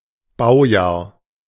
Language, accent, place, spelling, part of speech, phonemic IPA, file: German, Germany, Berlin, Baujahr, noun, /ˈbaʊ̯jaːɐ̯/, De-Baujahr.ogg
- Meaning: 1. model year 2. year of construction